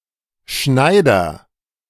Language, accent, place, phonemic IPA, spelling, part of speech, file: German, Germany, Berlin, /ˈʃnaɪ̯dɐ/, Schneider, noun / proper noun, De-Schneider.ogg
- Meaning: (noun) 1. agent noun of schneiden: cutter (a person or device that cuts) 2. tailor (male or of unspecified gender)